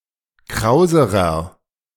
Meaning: inflection of kraus: 1. strong/mixed nominative masculine singular comparative degree 2. strong genitive/dative feminine singular comparative degree 3. strong genitive plural comparative degree
- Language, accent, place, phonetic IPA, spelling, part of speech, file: German, Germany, Berlin, [ˈkʁaʊ̯zəʁɐ], krauserer, adjective, De-krauserer.ogg